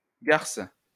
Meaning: 1. girl 2. bitch, slut
- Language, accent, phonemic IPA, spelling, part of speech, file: French, France, /ɡaʁs/, garce, noun, LL-Q150 (fra)-garce.wav